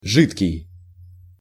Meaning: 1. liquid, fluid (existing in the physical state of a liquid) 2. watery, weak, thin 3. sparse, scanty
- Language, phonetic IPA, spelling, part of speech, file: Russian, [ˈʐɨtkʲɪj], жидкий, adjective, Ru-жидкий.ogg